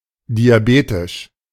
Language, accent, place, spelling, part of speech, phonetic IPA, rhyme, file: German, Germany, Berlin, diabetisch, adjective, [diaˈbeːtɪʃ], -eːtɪʃ, De-diabetisch.ogg
- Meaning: diabetic